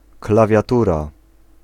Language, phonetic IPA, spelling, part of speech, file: Polish, [ˌklavʲjaˈtura], klawiatura, noun, Pl-klawiatura.ogg